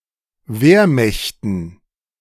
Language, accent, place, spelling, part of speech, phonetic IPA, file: German, Germany, Berlin, Wehrmächten, noun, [ˈveːɐ̯ˌmɛçtn̩], De-Wehrmächten.ogg
- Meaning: dative plural of Wehrmacht